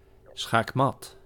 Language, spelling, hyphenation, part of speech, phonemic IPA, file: Dutch, schaakmat, schaak‧mat, adverb, /sxakˈmɑt/, Nl-schaakmat.ogg
- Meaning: checkmate